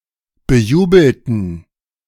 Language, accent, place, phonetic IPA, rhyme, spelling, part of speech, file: German, Germany, Berlin, [bəˈjuːbl̩tn̩], -uːbl̩tn̩, bejubelten, adjective / verb, De-bejubelten.ogg
- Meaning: inflection of bejubeln: 1. first/third-person plural preterite 2. first/third-person plural subjunctive II